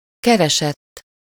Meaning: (verb) 1. third-person singular indicative past indefinite of keres 2. past participle of keres; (adjective) sought-after, desired, in demand
- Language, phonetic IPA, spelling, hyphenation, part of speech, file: Hungarian, [ˈkɛrɛʃɛtː], keresett, ke‧re‧sett, verb / adjective, Hu-keresett.ogg